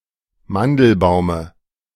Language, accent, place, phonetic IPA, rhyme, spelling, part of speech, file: German, Germany, Berlin, [ˈmandl̩ˌbaʊ̯mə], -andl̩baʊ̯mə, Mandelbaume, noun, De-Mandelbaume.ogg
- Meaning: dative singular of Mandelbaum